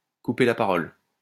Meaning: to cut off, to interrupt
- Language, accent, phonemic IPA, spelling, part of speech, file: French, France, /ku.pe la pa.ʁɔl/, couper la parole, verb, LL-Q150 (fra)-couper la parole.wav